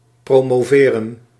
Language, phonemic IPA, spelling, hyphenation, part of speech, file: Dutch, /proːmoːˈveːrə(n)/, promoveren, pro‧mo‧ve‧ren, verb, Nl-promoveren.ogg
- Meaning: 1. to be promoted 2. to promote someone or something 3. to promote someone or something: to promote a pawn to a queen or another piece 4. to receive a doctorate